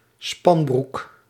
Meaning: a village and former municipality of Opmeer, North Holland, Netherlands
- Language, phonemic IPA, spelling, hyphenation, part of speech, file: Dutch, /ˈspɑn.bruk/, Spanbroek, Span‧broek, proper noun, Nl-Spanbroek.ogg